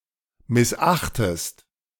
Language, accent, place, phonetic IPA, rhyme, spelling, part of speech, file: German, Germany, Berlin, [mɪsˈʔaxtəst], -axtəst, missachtest, verb, De-missachtest.ogg
- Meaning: inflection of missachten: 1. second-person singular present 2. second-person singular subjunctive I